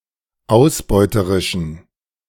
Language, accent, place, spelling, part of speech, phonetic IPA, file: German, Germany, Berlin, ausbeuterischen, adjective, [ˈaʊ̯sˌbɔɪ̯təʁɪʃn̩], De-ausbeuterischen.ogg
- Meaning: inflection of ausbeuterisch: 1. strong genitive masculine/neuter singular 2. weak/mixed genitive/dative all-gender singular 3. strong/weak/mixed accusative masculine singular 4. strong dative plural